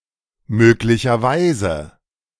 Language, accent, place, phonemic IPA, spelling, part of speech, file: German, Germany, Berlin, /ˈmøːklɪçɐˈvaɪ̯zə/, möglicherweise, adverb, De-möglicherweise.ogg
- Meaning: 1. possibly, potentially 2. perhaps 3. conceivably